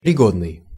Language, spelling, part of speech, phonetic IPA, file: Russian, пригодный, adjective, [prʲɪˈɡodnɨj], Ru-пригодный.ogg
- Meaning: 1. suitable (for), fit (for), good (for) (appropriate for a certain occasion) 2. applicable, eligible